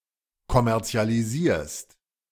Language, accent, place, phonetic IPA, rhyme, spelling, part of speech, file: German, Germany, Berlin, [kɔmɛʁt͡si̯aliˈziːɐ̯st], -iːɐ̯st, kommerzialisierst, verb, De-kommerzialisierst.ogg
- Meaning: second-person singular present of kommerzialisieren